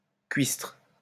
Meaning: prig, uneducated pedant
- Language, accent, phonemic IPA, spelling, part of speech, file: French, France, /kɥistʁ/, cuistre, noun, LL-Q150 (fra)-cuistre.wav